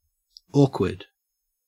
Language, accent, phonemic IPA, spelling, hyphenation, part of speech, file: English, Australia, /ˈoː.kwəd/, awkward, awk‧ward, adjective / noun, En-au-awkward.ogg
- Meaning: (adjective) 1. Lacking dexterity in the use of the hands, or of instruments 2. Not easily managed or effected; embarrassing 3. Lacking social skills, or uncomfortable with social interaction